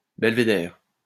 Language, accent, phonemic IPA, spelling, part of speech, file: French, France, /bɛl.ve.dɛʁ/, belvédère, noun, LL-Q150 (fra)-belvédère.wav
- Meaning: 1. belvedere, gazebo 2. the plant belle-à-voir